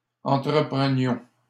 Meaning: inflection of entreprendre: 1. first-person plural imperfect indicative 2. first-person plural present subjunctive
- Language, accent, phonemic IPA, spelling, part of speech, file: French, Canada, /ɑ̃.tʁə.pʁə.njɔ̃/, entreprenions, verb, LL-Q150 (fra)-entreprenions.wav